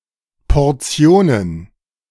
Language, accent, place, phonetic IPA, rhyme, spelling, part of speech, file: German, Germany, Berlin, [pɔʁˈt͡si̯oːnən], -oːnən, Portionen, noun, De-Portionen.ogg
- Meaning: plural of Portion